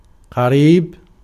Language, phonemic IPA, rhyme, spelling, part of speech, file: Arabic, /qa.riːb/, -iːb, قريب, adjective / noun, Ar-قريب.ogg
- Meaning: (adjective) 1. near, close, adjacent 2. simple, easily understood; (noun) relative; relation